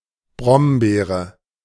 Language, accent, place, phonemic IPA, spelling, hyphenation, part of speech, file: German, Germany, Berlin, /ˈbʁɔmˌbeːʁə/, Brombeere, Brom‧bee‧re, noun, De-Brombeere.ogg
- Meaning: blackberry, bramble